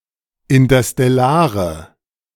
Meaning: inflection of interstellar: 1. strong/mixed nominative/accusative feminine singular 2. strong nominative/accusative plural 3. weak nominative all-gender singular
- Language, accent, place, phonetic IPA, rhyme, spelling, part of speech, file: German, Germany, Berlin, [ɪntɐstɛˈlaːʁə], -aːʁə, interstellare, adjective, De-interstellare.ogg